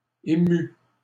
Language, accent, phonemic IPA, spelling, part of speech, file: French, Canada, /e.my/, émût, verb, LL-Q150 (fra)-émût.wav
- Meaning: third-person singular imperfect subjunctive of émouvoir